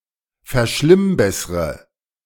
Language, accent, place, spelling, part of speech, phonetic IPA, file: German, Germany, Berlin, verschlimmbessre, verb, [fɛɐ̯ˈʃlɪmˌbɛsʁə], De-verschlimmbessre.ogg
- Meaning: inflection of verschlimmbessern: 1. first-person singular present 2. first/third-person singular subjunctive I 3. singular imperative